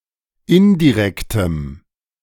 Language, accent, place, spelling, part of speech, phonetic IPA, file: German, Germany, Berlin, indirektem, adjective, [ˈɪndiˌʁɛktəm], De-indirektem.ogg
- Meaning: strong dative masculine/neuter singular of indirekt